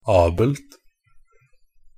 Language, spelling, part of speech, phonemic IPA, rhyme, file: Norwegian Bokmål, -abelt, suffix, /ˈɑːbəlt/, -əlt, Pronunciation of Norwegian Bokmål «-abelt».ogg
- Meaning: neuter singular form of -abel